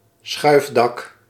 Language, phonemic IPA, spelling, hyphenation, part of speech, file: Dutch, /ˈsxœy̯f.dɑk/, schuifdak, schuif‧dak, noun, Nl-schuifdak.ogg
- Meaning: a retractable roof, as to cover an open-air sports field in bad weather